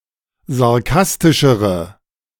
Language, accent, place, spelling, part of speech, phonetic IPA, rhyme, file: German, Germany, Berlin, sarkastischere, adjective, [zaʁˈkastɪʃəʁə], -astɪʃəʁə, De-sarkastischere.ogg
- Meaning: inflection of sarkastisch: 1. strong/mixed nominative/accusative feminine singular comparative degree 2. strong nominative/accusative plural comparative degree